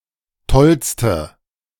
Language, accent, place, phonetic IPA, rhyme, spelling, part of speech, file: German, Germany, Berlin, [ˈtɔlstə], -ɔlstə, tollste, adjective, De-tollste.ogg
- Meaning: inflection of toll: 1. strong/mixed nominative/accusative feminine singular superlative degree 2. strong nominative/accusative plural superlative degree